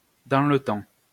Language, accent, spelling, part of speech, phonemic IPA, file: French, France, dans le temps, adverb, /dɑ̃ l(ə) tɑ̃/, LL-Q150 (fra)-dans le temps.wav
- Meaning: in the old days, back in the day, in the past